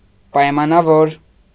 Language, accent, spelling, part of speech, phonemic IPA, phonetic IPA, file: Armenian, Eastern Armenian, պայմանավոր, adjective, /pɑjmɑnɑˈvoɾ/, [pɑjmɑnɑvóɾ], Hy-պայմանավոր.ogg
- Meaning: 1. conditional, depending on 2. arranged, decided